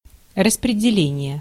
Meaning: 1. distribution (act of distribution or being distributed) 2. allocation (e.g. of resources) 3. assignment (e.g. of young specialists by educational institutions)
- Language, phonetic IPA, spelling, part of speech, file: Russian, [rəsprʲɪdʲɪˈlʲenʲɪje], распределение, noun, Ru-распределение.ogg